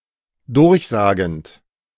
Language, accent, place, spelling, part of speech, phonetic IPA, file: German, Germany, Berlin, durchsagend, verb, [ˈdʊʁçˌzaːɡn̩t], De-durchsagend.ogg
- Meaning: present participle of durchsagen